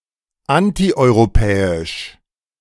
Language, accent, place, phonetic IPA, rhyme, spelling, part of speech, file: German, Germany, Berlin, [ˌantiʔɔɪ̯ʁoˈpɛːɪʃ], -ɛːɪʃ, antieuropäisch, adjective, De-antieuropäisch.ogg
- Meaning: anti-European